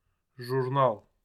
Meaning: magazine, journal
- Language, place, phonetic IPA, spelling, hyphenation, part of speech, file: Azerbaijani, Baku, [ʒurˈnɑɫ], jurnal, jur‧nal, noun, Az-az-jurnal.ogg